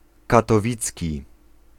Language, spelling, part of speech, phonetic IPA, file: Polish, katowicki, adjective, [ˌkatɔˈvʲit͡sʲci], Pl-katowicki.ogg